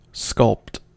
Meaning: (verb) 1. To form by sculpture 2. To work as a sculptor 3. To carve out gradually
- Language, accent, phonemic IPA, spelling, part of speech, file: English, US, /skʌlpt/, sculpt, verb / noun, En-us-sculpt.ogg